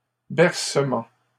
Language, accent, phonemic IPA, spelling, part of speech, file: French, Canada, /bɛʁ.sə.mɑ̃/, bercement, noun, LL-Q150 (fra)-bercement.wav
- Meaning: rocking